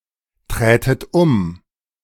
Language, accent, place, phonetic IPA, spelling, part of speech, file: German, Germany, Berlin, [ˌtʁɛːtət ˈʊm], trätet um, verb, De-trätet um.ogg
- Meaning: second-person plural subjunctive II of umtreten